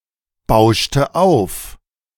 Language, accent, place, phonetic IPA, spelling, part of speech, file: German, Germany, Berlin, [ˌbaʊ̯ʃtə ˈaʊ̯f], bauschte auf, verb, De-bauschte auf.ogg
- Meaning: inflection of aufbauschen: 1. first/third-person singular preterite 2. first/third-person singular subjunctive II